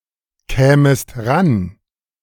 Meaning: second-person singular subjunctive II of rankommen
- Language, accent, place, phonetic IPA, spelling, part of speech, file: German, Germany, Berlin, [ˌkɛːməst ˈʁan], kämest ran, verb, De-kämest ran.ogg